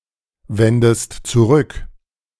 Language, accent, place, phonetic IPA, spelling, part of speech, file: German, Germany, Berlin, [ˌvɛndəst t͡suˈʁʏk], wendest zurück, verb, De-wendest zurück.ogg
- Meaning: inflection of zurückwenden: 1. second-person singular present 2. second-person singular subjunctive I